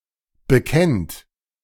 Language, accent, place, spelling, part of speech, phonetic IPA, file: German, Germany, Berlin, bekennt, verb, [bəˈkɛnt], De-bekennt.ogg
- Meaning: inflection of bekennen: 1. second-person plural present 2. third-person singular present 3. plural imperative